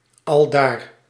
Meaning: there, in the aforementioned place
- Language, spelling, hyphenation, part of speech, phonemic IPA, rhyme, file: Dutch, aldaar, al‧daar, adverb, /ɑlˈdaːr/, -aːr, Nl-aldaar.ogg